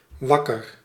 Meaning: awake
- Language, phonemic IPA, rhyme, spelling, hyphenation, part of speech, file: Dutch, /ˈʋɑkər/, -ɑkər, wakker, wak‧ker, adjective, Nl-wakker.ogg